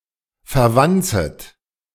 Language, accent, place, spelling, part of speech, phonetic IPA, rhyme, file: German, Germany, Berlin, verwanzet, verb, [fɛɐ̯ˈvant͡sət], -ant͡sət, De-verwanzet.ogg
- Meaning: second-person plural subjunctive I of verwanzen